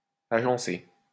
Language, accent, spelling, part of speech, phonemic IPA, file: French, France, agencé, verb / adjective, /a.ʒɑ̃.se/, LL-Q150 (fra)-agencé.wav
- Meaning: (verb) past participle of agencer; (adjective) 1. arranged 2. prepared